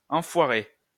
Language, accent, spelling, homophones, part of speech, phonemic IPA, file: French, France, enfoiré, enfoirée / enfoirées / enfoirés / enfoirer / enfoirez, noun / verb, /ɑ̃.fwa.ʁe/, LL-Q150 (fra)-enfoiré.wav
- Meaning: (noun) dickhead, fuckhead, shithead; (verb) past participle of enfoirer